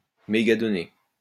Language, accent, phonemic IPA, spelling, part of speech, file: French, France, /me.ɡa.dɔ.ne/, mégadonnées, noun, LL-Q150 (fra)-mégadonnées.wav
- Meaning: big data